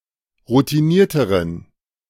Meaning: inflection of routiniert: 1. strong genitive masculine/neuter singular comparative degree 2. weak/mixed genitive/dative all-gender singular comparative degree
- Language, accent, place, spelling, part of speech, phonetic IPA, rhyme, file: German, Germany, Berlin, routinierteren, adjective, [ʁutiˈniːɐ̯təʁən], -iːɐ̯təʁən, De-routinierteren.ogg